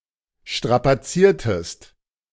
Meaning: inflection of strapazieren: 1. second-person singular preterite 2. second-person singular subjunctive II
- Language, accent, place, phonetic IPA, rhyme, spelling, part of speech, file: German, Germany, Berlin, [ˌʃtʁapaˈt͡siːɐ̯təst], -iːɐ̯təst, strapaziertest, verb, De-strapaziertest.ogg